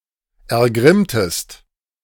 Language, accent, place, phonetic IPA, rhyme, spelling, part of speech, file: German, Germany, Berlin, [ɛɐ̯ˈɡʁɪmtəst], -ɪmtəst, ergrimmtest, verb, De-ergrimmtest.ogg
- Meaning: inflection of ergrimmen: 1. second-person singular preterite 2. second-person singular subjunctive II